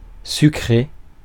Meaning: 1. to sugar (to add sugar to, to sweeten) 2. to steal, to take away from someone
- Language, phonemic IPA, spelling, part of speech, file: French, /sy.kʁe/, sucrer, verb, Fr-sucrer.ogg